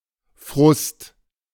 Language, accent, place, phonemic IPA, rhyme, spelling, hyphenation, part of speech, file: German, Germany, Berlin, /fʁʊst/, -ʊst, Frust, Frust, noun, De-Frust.ogg
- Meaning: frustration